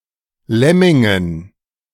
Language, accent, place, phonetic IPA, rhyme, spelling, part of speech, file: German, Germany, Berlin, [ˈlɛmɪŋən], -ɛmɪŋən, Lemmingen, noun, De-Lemmingen.ogg
- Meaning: dative plural of Lemming